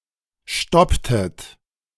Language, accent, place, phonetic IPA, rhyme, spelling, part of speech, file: German, Germany, Berlin, [ˈʃtɔptət], -ɔptət, stopptet, verb, De-stopptet.ogg
- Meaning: inflection of stoppen: 1. second-person plural preterite 2. second-person plural subjunctive II